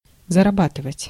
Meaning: to earn
- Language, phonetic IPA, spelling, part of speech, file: Russian, [zərɐˈbatɨvətʲ], зарабатывать, verb, Ru-зарабатывать.ogg